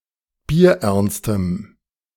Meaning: strong dative masculine/neuter singular of bierernst
- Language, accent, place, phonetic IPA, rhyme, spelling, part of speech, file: German, Germany, Berlin, [biːɐ̯ˈʔɛʁnstəm], -ɛʁnstəm, bierernstem, adjective, De-bierernstem.ogg